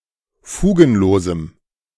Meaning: strong dative masculine/neuter singular of fugenlos
- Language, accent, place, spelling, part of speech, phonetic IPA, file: German, Germany, Berlin, fugenlosem, adjective, [ˈfuːɡn̩ˌloːzm̩], De-fugenlosem.ogg